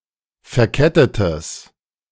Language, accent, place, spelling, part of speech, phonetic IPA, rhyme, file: German, Germany, Berlin, verkettetes, adjective, [fɛɐ̯ˈkɛtətəs], -ɛtətəs, De-verkettetes.ogg
- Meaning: strong/mixed nominative/accusative neuter singular of verkettet